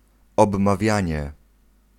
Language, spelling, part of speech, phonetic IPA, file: Polish, obmawianie, noun, [ˌɔbmaˈvʲjä̃ɲɛ], Pl-obmawianie.ogg